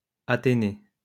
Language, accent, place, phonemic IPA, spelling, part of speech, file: French, France, Lyon, /a.te.ne/, athénée, noun, LL-Q150 (fra)-athénée.wav
- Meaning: a type of high school; atheneum